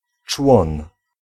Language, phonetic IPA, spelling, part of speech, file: Polish, [t͡ʃwɔ̃n], człon, noun, Pl-człon.ogg